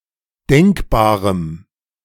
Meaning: strong dative masculine/neuter singular of denkbar
- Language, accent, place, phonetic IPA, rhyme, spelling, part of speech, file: German, Germany, Berlin, [ˈdɛŋkbaːʁəm], -ɛŋkbaːʁəm, denkbarem, adjective, De-denkbarem.ogg